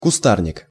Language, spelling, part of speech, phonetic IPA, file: Russian, кустарник, noun, [kʊˈstarnʲɪk], Ru-кустарник.ogg
- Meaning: 1. bushes, shrubs, shrubbery 2. bush